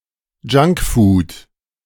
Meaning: junk food (food with little or no nutritional value)
- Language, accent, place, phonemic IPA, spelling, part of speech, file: German, Germany, Berlin, /ˈd͡ʒaŋkfuːd/, Junkfood, noun, De-Junkfood.ogg